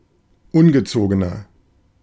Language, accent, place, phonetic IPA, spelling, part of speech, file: German, Germany, Berlin, [ˈʊnɡəˌt͡soːɡənɐ], ungezogener, adjective, De-ungezogener.ogg
- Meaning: 1. comparative degree of ungezogen 2. inflection of ungezogen: strong/mixed nominative masculine singular 3. inflection of ungezogen: strong genitive/dative feminine singular